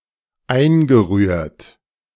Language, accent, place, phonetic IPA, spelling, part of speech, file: German, Germany, Berlin, [ˈaɪ̯nɡəˌʁyːɐ̯t], eingerührt, verb, De-eingerührt.ogg
- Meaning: past participle of einrühren